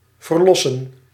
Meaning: 1. to free, liberate 2. to redeem 3. to attend the birth of an infant and provide postpartum care to the mother and her infant
- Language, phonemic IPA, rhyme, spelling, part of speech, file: Dutch, /vərˈlɔ.sən/, -ɔsən, verlossen, verb, Nl-verlossen.ogg